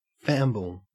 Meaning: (noun) A hand; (verb) To stammer
- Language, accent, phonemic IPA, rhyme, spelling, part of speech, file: English, Australia, /ˈfæmbəl/, -æmbəl, famble, noun / verb, En-au-famble.ogg